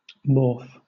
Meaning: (noun) A recurrent distinctive sound or sequence of sounds representing an indivisible morphological form; especially as representing a morpheme
- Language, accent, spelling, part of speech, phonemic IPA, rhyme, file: English, Southern England, morph, noun / verb, /mɔː(ɹ)f/, -ɔː(ɹ)f, LL-Q1860 (eng)-morph.wav